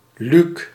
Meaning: a male given name, equivalent to English Luke
- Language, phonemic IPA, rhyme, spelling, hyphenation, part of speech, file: Dutch, /lyk/, -yk, Luuk, Luuk, proper noun, Nl-Luuk.ogg